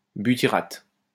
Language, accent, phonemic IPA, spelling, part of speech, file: French, France, /by.ti.ʁat/, butyrate, noun, LL-Q150 (fra)-butyrate.wav
- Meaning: butyrate (salt or ester of butyric acid)